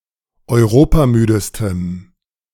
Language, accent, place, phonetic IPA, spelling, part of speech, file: German, Germany, Berlin, [ɔɪ̯ˈʁoːpaˌmyːdəstəm], europamüdestem, adjective, De-europamüdestem.ogg
- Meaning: strong dative masculine/neuter singular superlative degree of europamüde